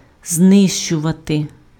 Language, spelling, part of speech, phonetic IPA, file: Ukrainian, знищувати, verb, [ˈznɪʃt͡ʃʊʋɐte], Uk-знищувати.ogg
- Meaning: to destroy, to annihilate, to obliterate